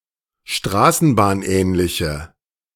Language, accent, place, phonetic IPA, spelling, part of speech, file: German, Germany, Berlin, [ˈʃtʁaːsn̩baːnˌʔɛːnlɪçə], straßenbahnähnliche, adjective, De-straßenbahnähnliche.ogg
- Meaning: inflection of straßenbahnähnlich: 1. strong/mixed nominative/accusative feminine singular 2. strong nominative/accusative plural 3. weak nominative all-gender singular